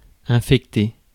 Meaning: to infect
- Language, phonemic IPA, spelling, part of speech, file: French, /ɛ̃.fɛk.te/, infecter, verb, Fr-infecter.ogg